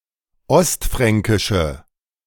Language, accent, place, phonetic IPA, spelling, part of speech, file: German, Germany, Berlin, [ˈɔstˌfʁɛŋkɪʃə], ostfränkische, adjective, De-ostfränkische.ogg
- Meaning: inflection of ostfränkisch: 1. strong/mixed nominative/accusative feminine singular 2. strong nominative/accusative plural 3. weak nominative all-gender singular